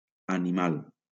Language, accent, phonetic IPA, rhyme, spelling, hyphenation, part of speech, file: Catalan, Valencia, [a.niˈmal], -al, animal, a‧ni‧mal, adjective / noun, LL-Q7026 (cat)-animal.wav
- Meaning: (adjective) animal